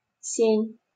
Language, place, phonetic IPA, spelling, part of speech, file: Russian, Saint Petersburg, [sʲenʲ], сень, noun, LL-Q7737 (rus)-сень.wav
- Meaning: 1. canopy (in church) 2. foliage, umbrage 3. shade, shelter